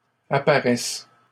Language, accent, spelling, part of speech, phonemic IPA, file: French, Canada, apparaissent, verb, /a.pa.ʁɛs/, LL-Q150 (fra)-apparaissent.wav
- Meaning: third-person plural present indicative/subjunctive of apparaître